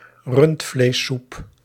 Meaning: beef soup
- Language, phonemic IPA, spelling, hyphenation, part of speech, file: Dutch, /ˈrʏnt.fleːˌsup/, rundvleessoep, rund‧vlees‧soep, noun, Nl-rundvleessoep.ogg